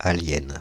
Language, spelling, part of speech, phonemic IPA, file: French, alien, noun, /a.ljɛn/, Fr-alien.ogg
- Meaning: alien (extraterrestrial)